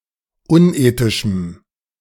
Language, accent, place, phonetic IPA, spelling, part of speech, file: German, Germany, Berlin, [ˈʊnˌʔeːtɪʃm̩], unethischem, adjective, De-unethischem.ogg
- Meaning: strong dative masculine/neuter singular of unethisch